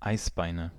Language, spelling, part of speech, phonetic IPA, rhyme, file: German, Eisbeine, noun, [ˈaɪ̯sˌbaɪ̯nə], -aɪ̯sbaɪ̯nə, De-Eisbeine.ogg
- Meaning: nominative/accusative/genitive plural of Eisbein